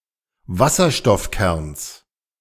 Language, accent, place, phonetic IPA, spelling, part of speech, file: German, Germany, Berlin, [ˈvasɐʃtɔfˌkɛʁns], Wasserstoffkerns, noun, De-Wasserstoffkerns.ogg
- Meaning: genitive singular of Wasserstoffkern